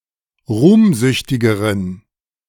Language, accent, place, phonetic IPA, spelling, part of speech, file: German, Germany, Berlin, [ˈʁuːmˌzʏçtɪɡəʁən], ruhmsüchtigeren, adjective, De-ruhmsüchtigeren.ogg
- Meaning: inflection of ruhmsüchtig: 1. strong genitive masculine/neuter singular comparative degree 2. weak/mixed genitive/dative all-gender singular comparative degree